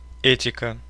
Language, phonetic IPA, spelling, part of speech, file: Russian, [ˈɛtʲɪkə], этика, noun, Ru-э́тика.ogg
- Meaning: ethics (study of principles governing right and wrong conduct)